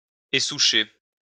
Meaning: to uproot tree stumps from land (to render it cultivatable)
- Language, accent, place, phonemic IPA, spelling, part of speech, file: French, France, Lyon, /e.su.ʃe/, essoucher, verb, LL-Q150 (fra)-essoucher.wav